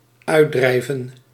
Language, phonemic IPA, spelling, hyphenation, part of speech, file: Dutch, /ˈœy̯tˌdrɛi̯.və(n)/, uitdrijven, uit‧drij‧ven, verb, Nl-uitdrijven.ogg
- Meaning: 1. to expel, to drive out 2. to secrete, to discharge 3. to remove from or leave the womb or birth canal